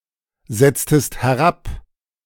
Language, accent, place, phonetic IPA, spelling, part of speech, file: German, Germany, Berlin, [ˌzɛt͡stəst hɛˈʁap], setztest herab, verb, De-setztest herab.ogg
- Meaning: inflection of herabsetzen: 1. second-person singular preterite 2. second-person singular subjunctive II